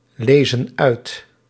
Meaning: inflection of uitlezen: 1. plural present indicative 2. plural present subjunctive
- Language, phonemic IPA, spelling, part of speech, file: Dutch, /ˈlezə(n) ˈœyt/, lezen uit, verb, Nl-lezen uit.ogg